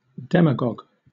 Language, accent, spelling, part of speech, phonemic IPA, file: English, Southern England, demagogue, noun / verb, /ˈdɛməɡɒɡ/, LL-Q1860 (eng)-demagogue.wav
- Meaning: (noun) A political orator or leader, especially in a democratic system, who gains favor by pandering to or exciting the passions and prejudices of the audience rather than by using rational argument